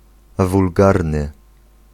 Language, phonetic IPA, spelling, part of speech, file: Polish, [vulˈɡarnɨ], wulgarny, adjective, Pl-wulgarny.ogg